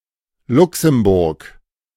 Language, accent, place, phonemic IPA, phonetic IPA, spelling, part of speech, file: German, Germany, Berlin, /ˈlʊksəmbʊʁk/, [ˈlʊksm̩bʊʁkʰ], Luxemburg, proper noun, De-Luxemburg.ogg
- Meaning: 1. Luxembourg (a small country in Western Europe) 2. Luxembourg (a province of Wallonia, Belgium) 3. Luxembourg, Luxembourg City (the capital city of Luxembourg)